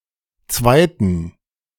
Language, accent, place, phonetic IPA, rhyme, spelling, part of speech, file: German, Germany, Berlin, [ˈt͡svaɪ̯tn̩], -aɪ̯tn̩, Zweiten, noun, De-Zweiten.ogg
- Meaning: dative plural of Zweiter